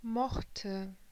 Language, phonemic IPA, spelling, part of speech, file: German, /ˈmɔxtə/, mochte, verb, De-mochte.ogg
- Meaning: first/third-person singular preterite of mögen